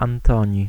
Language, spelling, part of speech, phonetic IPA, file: Polish, Antoni, proper noun, [ãnˈtɔ̃ɲi], Pl-Antoni.ogg